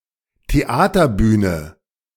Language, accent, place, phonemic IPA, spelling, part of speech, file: German, Germany, Berlin, /teˈaːtɐˌbyːnə/, Theaterbühne, noun, De-Theaterbühne.ogg
- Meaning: theater stage